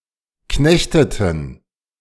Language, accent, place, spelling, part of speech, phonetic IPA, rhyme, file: German, Germany, Berlin, knechteten, verb, [ˈknɛçtətn̩], -ɛçtətn̩, De-knechteten.ogg
- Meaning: inflection of knechten: 1. first/third-person plural preterite 2. first/third-person plural subjunctive II